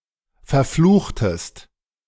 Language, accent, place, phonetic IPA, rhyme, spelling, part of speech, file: German, Germany, Berlin, [fɛɐ̯ˈfluːxtəst], -uːxtəst, verfluchtest, verb, De-verfluchtest.ogg
- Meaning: inflection of verfluchen: 1. second-person singular preterite 2. second-person singular subjunctive II